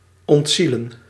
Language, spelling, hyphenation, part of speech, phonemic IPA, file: Dutch, ontzielen, ont‧zie‧len, verb, /ˌɔntˈzi.lə(n)/, Nl-ontzielen.ogg
- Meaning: 1. to kill 2. to remove inspiration 3. to remove the soul from